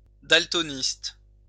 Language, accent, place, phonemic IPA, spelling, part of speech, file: French, France, Lyon, /dal.tɔ.nist/, daltoniste, noun, LL-Q150 (fra)-daltoniste.wav
- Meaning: daltonist